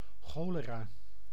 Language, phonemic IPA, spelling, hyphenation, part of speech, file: Dutch, /ˈxoː.ləˌraː/, cholera, cho‧le‧ra, noun, Nl-cholera.ogg
- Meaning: cholera